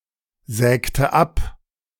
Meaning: inflection of absägen: 1. first/third-person singular preterite 2. first/third-person singular subjunctive II
- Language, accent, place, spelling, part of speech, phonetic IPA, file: German, Germany, Berlin, sägte ab, verb, [ˌzɛːktə ˈap], De-sägte ab.ogg